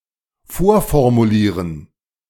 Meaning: to preformulate
- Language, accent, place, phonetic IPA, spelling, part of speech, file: German, Germany, Berlin, [ˈfoːɐ̯fɔʁmuˌliːʁən], vorformulieren, verb, De-vorformulieren.ogg